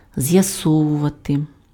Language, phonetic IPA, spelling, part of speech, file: Ukrainian, [zjɐˈsɔwʊʋɐte], з'ясовувати, verb, Uk-з'ясовувати.ogg
- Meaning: to clear up, to clarify, to elucidate, to ascertain